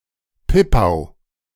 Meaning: hawksbeard (Crepis gen. et spp.)
- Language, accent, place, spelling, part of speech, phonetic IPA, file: German, Germany, Berlin, Pippau, noun, [ˈpɪpaʊ̯], De-Pippau.ogg